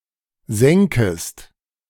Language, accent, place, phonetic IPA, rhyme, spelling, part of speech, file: German, Germany, Berlin, [ˈzɛŋkəst], -ɛŋkəst, senkest, verb, De-senkest.ogg
- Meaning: second-person singular subjunctive I of senken